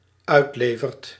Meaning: second/third-person singular dependent-clause present indicative of uitleveren
- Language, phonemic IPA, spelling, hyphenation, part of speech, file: Dutch, /ˈœy̯tˌleː.vərt/, uitlevert, uit‧le‧vert, verb, Nl-uitlevert.ogg